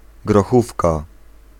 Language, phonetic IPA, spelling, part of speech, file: Polish, [ɡrɔˈxufka], grochówka, noun, Pl-grochówka.ogg